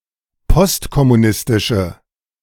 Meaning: inflection of postkommunistisch: 1. strong/mixed nominative/accusative feminine singular 2. strong nominative/accusative plural 3. weak nominative all-gender singular
- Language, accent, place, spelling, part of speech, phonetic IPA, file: German, Germany, Berlin, postkommunistische, adjective, [ˈpɔstkɔmuˌnɪstɪʃə], De-postkommunistische.ogg